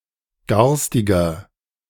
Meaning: 1. comparative degree of garstig 2. inflection of garstig: strong/mixed nominative masculine singular 3. inflection of garstig: strong genitive/dative feminine singular
- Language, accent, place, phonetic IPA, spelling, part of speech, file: German, Germany, Berlin, [ˈɡaʁstɪɡɐ], garstiger, adjective, De-garstiger.ogg